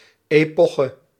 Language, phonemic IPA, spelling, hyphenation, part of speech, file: Dutch, /ˌeːˈpɔ.xə/, epoche, epo‧che, noun, Nl-epoche.ogg
- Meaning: epoch